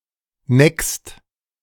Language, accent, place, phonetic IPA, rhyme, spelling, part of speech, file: German, Germany, Berlin, [nɛkst], -ɛkst, neckst, verb, De-neckst.ogg
- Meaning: second-person singular present of necken